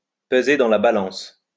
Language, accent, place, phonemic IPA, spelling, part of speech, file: French, France, Lyon, /pə.ze dɑ̃ la ba.lɑ̃s/, peser dans la balance, verb, LL-Q150 (fra)-peser dans la balance.wav
- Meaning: to enter the equation, to carry weight